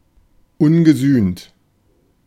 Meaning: unpunished
- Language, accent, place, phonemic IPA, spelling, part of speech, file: German, Germany, Berlin, /ˈʊnɡəˌzyːnt/, ungesühnt, adjective, De-ungesühnt.ogg